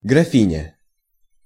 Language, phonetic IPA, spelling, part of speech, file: Russian, [ɡrɐˈfʲinʲə], графиня, noun, Ru-графиня.ogg
- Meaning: female equivalent of граф (graf, “count, earl”): countess